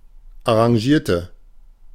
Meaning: inflection of arrangieren: 1. first/third-person singular preterite 2. first/third-person singular subjunctive II
- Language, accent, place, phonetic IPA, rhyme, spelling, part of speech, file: German, Germany, Berlin, [aʁɑ̃ˈʒiːɐ̯tə], -iːɐ̯tə, arrangierte, adjective / verb, De-arrangierte.ogg